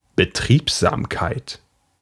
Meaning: 1. industriousness 2. bustle
- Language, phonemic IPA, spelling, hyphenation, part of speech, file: German, /bəˈtʁiːpzaːmkaɪ̯t/, Betriebsamkeit, Be‧trieb‧sam‧keit, noun, De-Betriebsamkeit.ogg